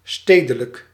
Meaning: urban, civic
- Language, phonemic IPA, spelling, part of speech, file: Dutch, /ˈsteː.də.lək/, stedelijk, adjective, Nl-stedelijk.ogg